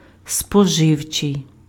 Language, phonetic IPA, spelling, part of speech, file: Ukrainian, [spɔˈʒɪu̯t͡ʃei̯], споживчий, adjective, Uk-споживчий.ogg
- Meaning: consumer (attributive), consumption (attributive) (pertaining to consumption or that which is intended for consumers)